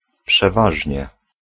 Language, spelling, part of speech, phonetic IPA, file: Polish, przeważnie, adverb, [pʃɛˈvaʒʲɲɛ], Pl-przeważnie.ogg